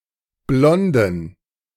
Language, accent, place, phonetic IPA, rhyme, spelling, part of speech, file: German, Germany, Berlin, [ˈblɔndn̩], -ɔndn̩, blonden, adjective, De-blonden.ogg
- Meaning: inflection of blond: 1. strong genitive masculine/neuter singular 2. weak/mixed genitive/dative all-gender singular 3. strong/weak/mixed accusative masculine singular 4. strong dative plural